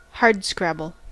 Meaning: 1. Requiring much work to farm, and ultimately not very productive 2. Involving hard work and struggle
- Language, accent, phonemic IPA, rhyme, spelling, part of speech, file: English, US, /ˈhɑɹdˌskɹæbəl/, -æbəl, hardscrabble, adjective, En-us-hardscrabble.ogg